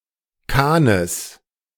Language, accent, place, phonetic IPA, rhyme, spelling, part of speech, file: German, Germany, Berlin, [ˈkaːnəs], -aːnəs, Kahnes, noun, De-Kahnes.ogg
- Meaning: genitive singular of Kahn